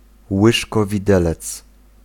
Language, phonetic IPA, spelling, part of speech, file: Polish, [ˌwɨʃkɔvʲiˈdɛlɛt͡s], łyżkowidelec, noun, Pl-łyżkowidelec.ogg